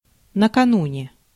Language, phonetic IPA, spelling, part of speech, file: Russian, [nəkɐˈnunʲe], накануне, adverb, Ru-накануне.ogg
- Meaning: 1. the day before 2. on the eve of